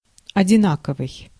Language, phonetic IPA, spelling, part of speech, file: Russian, [ɐdʲɪˈnakəvɨj], одинаковый, adjective, Ru-одинаковый.ogg
- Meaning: equal, identical, the same